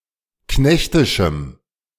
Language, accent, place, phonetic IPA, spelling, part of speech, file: German, Germany, Berlin, [ˈknɛçtɪʃm̩], knechtischem, adjective, De-knechtischem.ogg
- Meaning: strong dative masculine/neuter singular of knechtisch